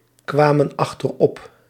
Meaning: inflection of achteropkomen: 1. plural past indicative 2. plural past subjunctive
- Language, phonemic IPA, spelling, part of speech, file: Dutch, /ˈkwamə(n) ɑxtərˈɔp/, kwamen achterop, verb, Nl-kwamen achterop.ogg